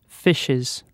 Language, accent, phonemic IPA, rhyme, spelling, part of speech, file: English, UK, /ˈfɪʃɪz/, -ɪʃɪz, fishes, noun / verb, En-uk-fishes.ogg
- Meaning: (noun) plural of fish: 1. multiple kinds of fish 2. multiple individual fish; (verb) third-person singular simple present indicative of fish